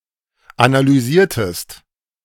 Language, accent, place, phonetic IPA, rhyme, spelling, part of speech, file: German, Germany, Berlin, [analyˈziːɐ̯təst], -iːɐ̯təst, analysiertest, verb, De-analysiertest.ogg
- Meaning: inflection of analysieren: 1. second-person singular preterite 2. second-person singular subjunctive II